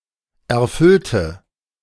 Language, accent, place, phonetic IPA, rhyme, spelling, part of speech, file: German, Germany, Berlin, [ɛɐ̯ˈfʏltə], -ʏltə, erfüllte, adjective / verb, De-erfüllte.ogg
- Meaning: inflection of erfüllen: 1. first/third-person singular preterite 2. first/third-person singular subjunctive II